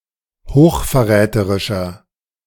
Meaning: inflection of hochverräterisch: 1. strong/mixed nominative masculine singular 2. strong genitive/dative feminine singular 3. strong genitive plural
- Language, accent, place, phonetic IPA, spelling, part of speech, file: German, Germany, Berlin, [hoːxfɛɐ̯ˈʁɛːtəʁɪʃɐ], hochverräterischer, adjective, De-hochverräterischer.ogg